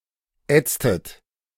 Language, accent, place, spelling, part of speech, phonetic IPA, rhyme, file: German, Germany, Berlin, ätztet, verb, [ˈɛt͡stət], -ɛt͡stət, De-ätztet.ogg
- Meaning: inflection of ätzen: 1. second-person plural preterite 2. second-person plural subjunctive II